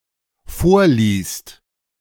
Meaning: second/third-person singular dependent present of vorlesen
- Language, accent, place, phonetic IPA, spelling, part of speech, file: German, Germany, Berlin, [ˈfoːɐ̯ˌliːst], vorliest, verb, De-vorliest.ogg